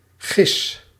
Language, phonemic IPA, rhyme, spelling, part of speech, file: Dutch, /ɣɪs/, -ɪs, gis, verb, Nl-gis.ogg
- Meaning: inflection of gissen: 1. first-person singular present indicative 2. second-person singular present indicative 3. imperative